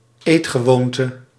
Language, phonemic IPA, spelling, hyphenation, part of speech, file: Dutch, /ˈeːt.xəˌʋoːn.tə/, eetgewoonte, eet‧ge‧woon‧te, noun, Nl-eetgewoonte.ogg
- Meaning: eating habit